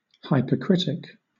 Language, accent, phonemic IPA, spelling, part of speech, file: English, Southern England, /ˌhaɪpə(ɹ)ˈkɹɪtɪk/, hypercritic, noun / adjective, LL-Q1860 (eng)-hypercritic.wav
- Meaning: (noun) A carping or unduly censorious critic; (adjective) hypercritical